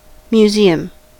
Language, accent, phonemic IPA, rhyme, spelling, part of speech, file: English, General American, /mjuˈziəm/, -iːəm, museum, noun / verb, En-us-museum.ogg
- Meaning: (noun) A building or institution dedicated to the acquisition, conservation, study, exhibition, and educational interpretation of objects having scientific, historical, cultural or artistic value